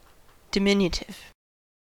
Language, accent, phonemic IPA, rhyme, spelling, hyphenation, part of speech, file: English, US, /dɪˈmɪn.jə.tɪv/, -ɪnjətɪv, diminutive, di‧min‧u‧tive, adjective / noun, En-us-diminutive.ogg
- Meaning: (adjective) 1. Very small 2. Serving to diminish 3. Of or pertaining to, or creating a word form expressing smallness, youth, unimportance, or endearment